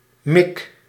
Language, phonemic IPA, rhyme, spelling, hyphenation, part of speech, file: Dutch, /mɪk/, -ɪk, mik, mik, noun / verb, Nl-mik.ogg
- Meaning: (noun) 1. loaf of bread 2. mouth, mug 3. stomach (organ) 4. pump-cheek; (verb) inflection of mikken: 1. first-person singular present indicative 2. second-person singular present indicative